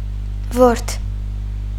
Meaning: 1. worm 2. maggot 3. contemptible being
- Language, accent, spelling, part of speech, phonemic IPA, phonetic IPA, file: Armenian, Eastern Armenian, որդ, noun, /voɾtʰ/, [voɾtʰ], Hy-որդ.ogg